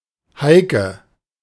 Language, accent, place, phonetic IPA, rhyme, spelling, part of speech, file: German, Germany, Berlin, [ˈhaɪ̯kə], -aɪ̯kə, Heike, proper noun, De-Heike.ogg
- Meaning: a female given name from Low German or West Frisian, variant of Heinrike